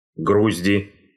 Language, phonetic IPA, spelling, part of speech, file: Russian, [ˈɡruzʲdʲɪ], грузди, noun, Ru-грузди.ogg
- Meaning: nominative/accusative plural of груздь (gruzdʹ)